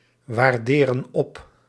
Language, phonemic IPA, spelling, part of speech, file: Dutch, /wɑrˈderə(n) ˈɔp/, waarderen op, verb, Nl-waarderen op.ogg
- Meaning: inflection of opwaarderen: 1. plural present indicative 2. plural present subjunctive